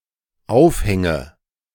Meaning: inflection of aufhängen: 1. first-person singular dependent present 2. first/third-person singular dependent subjunctive I
- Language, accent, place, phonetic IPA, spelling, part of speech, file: German, Germany, Berlin, [ˈaʊ̯fˌhɛŋə], aufhänge, verb, De-aufhänge.ogg